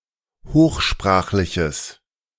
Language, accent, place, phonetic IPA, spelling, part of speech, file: German, Germany, Berlin, [ˈhoːxˌʃpʁaːxlɪçəs], hochsprachliches, adjective, De-hochsprachliches.ogg
- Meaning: strong/mixed nominative/accusative neuter singular of hochsprachlich